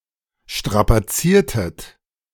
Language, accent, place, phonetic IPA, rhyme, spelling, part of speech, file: German, Germany, Berlin, [ˌʃtʁapaˈt͡siːɐ̯tət], -iːɐ̯tət, strapaziertet, verb, De-strapaziertet.ogg
- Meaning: inflection of strapazieren: 1. second-person plural preterite 2. second-person plural subjunctive II